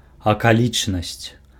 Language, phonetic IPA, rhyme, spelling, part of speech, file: Belarusian, [akaˈlʲit͡ʂnasʲt͡sʲ], -it͡ʂnasʲt͡sʲ, акалічнасць, noun, Be-акалічнасць.ogg
- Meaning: 1. circumstance 2. adverbial modifier, adverb, adjunct